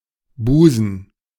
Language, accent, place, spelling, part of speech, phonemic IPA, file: German, Germany, Berlin, Busen, noun, /ˈbuːzən/, De-Busen.ogg
- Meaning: 1. a woman’s breasts collectively 2. bosom, a person’s chest, breast; (especially) the bulge of the garment around it 3. bosom (seat of thoughts and feelings) 4. bay, bight, gulf (area of sea)